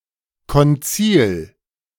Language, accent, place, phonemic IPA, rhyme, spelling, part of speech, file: German, Germany, Berlin, /kɔnˈt͡siːl/, -iːl, Konzil, noun, De-Konzil.ogg
- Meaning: church council, synod (congress of bishops called to decide bindingly on important issues)